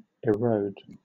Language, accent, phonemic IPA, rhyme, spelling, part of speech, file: English, Southern England, /ɪˈɹəʊd/, -əʊd, erode, verb, LL-Q1860 (eng)-erode.wav
- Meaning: 1. To wear away by abrasion, corrosion, or chemical reaction 2. To destroy gradually by an ongoing process